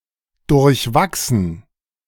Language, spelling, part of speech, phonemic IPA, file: German, durchwachsen, verb, /dʊʁçˈvaksən/, De-durchwachsen.ogg
- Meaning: to penetrate while growing, to grow through